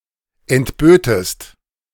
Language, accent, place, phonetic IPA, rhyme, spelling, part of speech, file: German, Germany, Berlin, [ɛntˈbøːtəst], -øːtəst, entbötest, verb, De-entbötest.ogg
- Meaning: second-person singular subjunctive II of entbieten